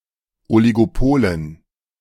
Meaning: dative plural of Oligopol
- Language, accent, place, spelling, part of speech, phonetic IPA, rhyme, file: German, Germany, Berlin, Oligopolen, noun, [ˌɔliɡoˈpoːlən], -oːlən, De-Oligopolen.ogg